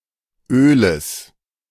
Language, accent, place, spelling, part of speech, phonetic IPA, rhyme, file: German, Germany, Berlin, Öles, noun, [ˈøːləs], -øːləs, De-Öles.ogg
- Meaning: genitive singular of Öl